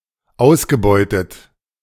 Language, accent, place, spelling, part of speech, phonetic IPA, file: German, Germany, Berlin, ausgebeutet, verb, [ˈaʊ̯sɡəˌbɔɪ̯tət], De-ausgebeutet.ogg
- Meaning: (verb) past participle of ausbeuten; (adjective) exploited